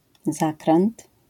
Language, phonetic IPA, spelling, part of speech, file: Polish, [ˈzakrɛ̃nt], zakręt, noun, LL-Q809 (pol)-zakręt.wav